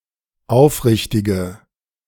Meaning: inflection of aufrichtig: 1. strong/mixed nominative/accusative feminine singular 2. strong nominative/accusative plural 3. weak nominative all-gender singular
- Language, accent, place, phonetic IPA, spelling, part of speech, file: German, Germany, Berlin, [ˈaʊ̯fˌʁɪçtɪɡə], aufrichtige, adjective, De-aufrichtige.ogg